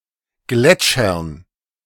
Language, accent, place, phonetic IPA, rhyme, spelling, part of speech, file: German, Germany, Berlin, [ˈɡlɛt͡ʃɐn], -ɛt͡ʃɐn, Gletschern, noun, De-Gletschern.ogg
- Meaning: dative plural of Gletscher